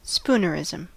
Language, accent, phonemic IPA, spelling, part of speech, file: English, US, /ˈspuː.nəɹˌɪ.zəm/, spoonerism, noun, En-us-spoonerism.ogg
- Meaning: A play on words on a phrase in which the initial (usually consonantal) sounds of two or more of the main words are transposed